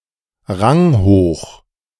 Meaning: high-ranking
- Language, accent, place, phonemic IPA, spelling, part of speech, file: German, Germany, Berlin, /ˈʁaŋhoːx/, ranghoch, adjective, De-ranghoch.ogg